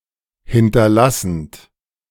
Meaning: present participle of hinterlassen
- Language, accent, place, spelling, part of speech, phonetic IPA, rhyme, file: German, Germany, Berlin, hinterlassend, verb, [ˌhɪntɐˈlasn̩t], -asn̩t, De-hinterlassend.ogg